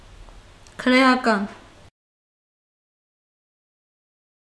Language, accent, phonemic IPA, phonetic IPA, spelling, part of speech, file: Armenian, Eastern Armenian, /kʰəɾejɑˈkɑn/, [kʰəɾejɑkɑ́n], քրեական, adjective, Hy-քրեական.ogg
- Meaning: criminal, penal